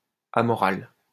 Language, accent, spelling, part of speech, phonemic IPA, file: French, France, amoral, adjective, /a.mɔ.ʁal/, LL-Q150 (fra)-amoral.wav
- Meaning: amoral